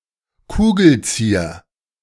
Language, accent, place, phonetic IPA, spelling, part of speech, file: German, Germany, Berlin, [kʰuːɡl̩ˈt͡siːɐ], Kugelzieher, noun, De-Kugelzieher.ogg